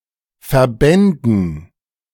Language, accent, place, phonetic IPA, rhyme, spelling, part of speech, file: German, Germany, Berlin, [fɛɐ̯ˈbɛndn̩], -ɛndn̩, verbänden, verb, De-verbänden.ogg
- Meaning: first/third-person plural subjunctive II of verbinden